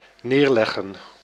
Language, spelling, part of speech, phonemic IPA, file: Dutch, neerleggen, verb, /nerlɛgə(n)/, Nl-neerleggen.ogg
- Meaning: 1. to lay down 2. to resign oneself (to)